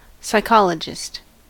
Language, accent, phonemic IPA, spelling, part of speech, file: English, US, /ˌsaɪˈkɑl.ə.d͡ʒɪst/, psychologist, noun, En-us-psychologist.ogg
- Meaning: An expert in the field of psychology